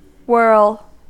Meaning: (verb) 1. To rotate, revolve, spin or turn rapidly 2. To have a sensation of spinning or reeling 3. To make something or someone whirl
- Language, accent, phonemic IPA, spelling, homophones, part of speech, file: English, US, /(h)wɝl/, whirl, whorl, verb / noun, En-us-whirl.ogg